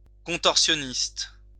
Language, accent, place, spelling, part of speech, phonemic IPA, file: French, France, Lyon, contorsionniste, noun, /kɔ̃.tɔʁ.sjɔ.nist/, LL-Q150 (fra)-contorsionniste.wav
- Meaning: contortionist